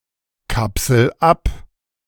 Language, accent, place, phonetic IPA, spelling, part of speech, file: German, Germany, Berlin, [ˌkapsl̩ ˈap], kapsel ab, verb, De-kapsel ab.ogg
- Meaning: inflection of abkapseln: 1. first-person singular present 2. singular imperative